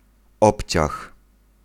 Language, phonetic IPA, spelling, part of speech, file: Polish, [ˈɔpʲt͡ɕax], obciach, noun, Pl-obciach.ogg